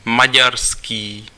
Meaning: Hungarian
- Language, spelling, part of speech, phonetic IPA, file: Czech, maďarský, adjective, [ˈmaɟarskiː], Cs-maďarský.ogg